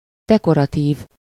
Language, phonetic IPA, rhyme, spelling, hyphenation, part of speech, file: Hungarian, [ˈdɛkorɒtiːv], -iːv, dekoratív, de‧ko‧ra‧tív, adjective, Hu-dekoratív.ogg
- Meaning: 1. decorative, ornamental (that serves to decorate) 2. beautiful, decorative 3. attractive, decorative, exquisite (spectacular in appearance)